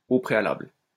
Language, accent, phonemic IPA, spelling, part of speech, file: French, France, /o pʁe.a.labl/, au préalable, adverb, LL-Q150 (fra)-au préalable.wav
- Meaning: beforehand, first